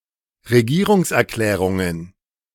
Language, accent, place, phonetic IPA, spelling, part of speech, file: German, Germany, Berlin, [ʁeˈɡiːʁʊŋsʔɛɐ̯ˌklɛːʁʊŋən], Regierungserklärungen, noun, De-Regierungserklärungen.ogg
- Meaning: plural of Regierungserklärung